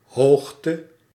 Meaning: height
- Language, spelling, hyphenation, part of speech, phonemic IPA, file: Dutch, hoogte, hoog‧te, noun, /ˈɦoːx.tə/, Nl-hoogte.ogg